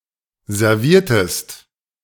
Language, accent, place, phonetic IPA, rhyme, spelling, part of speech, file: German, Germany, Berlin, [zɛʁˈviːɐ̯təst], -iːɐ̯təst, serviertest, verb, De-serviertest.ogg
- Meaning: inflection of servieren: 1. second-person singular preterite 2. second-person singular subjunctive II